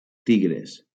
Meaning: plural of tigre
- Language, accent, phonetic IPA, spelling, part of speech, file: Catalan, Valencia, [ˈti.ɣɾes], tigres, noun, LL-Q7026 (cat)-tigres.wav